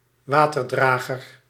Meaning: 1. water bearer; servant etc. who carries water for others (troops, workers...) to drink or wash with 2. any lowly servant
- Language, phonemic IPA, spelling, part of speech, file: Dutch, /ˈʋaːtərdraːɣər/, waterdrager, noun, Nl-waterdrager.ogg